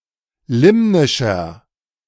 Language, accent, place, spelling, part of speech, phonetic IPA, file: German, Germany, Berlin, limnischer, adjective, [ˈlɪmnɪʃɐ], De-limnischer.ogg
- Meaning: inflection of limnisch: 1. strong/mixed nominative masculine singular 2. strong genitive/dative feminine singular 3. strong genitive plural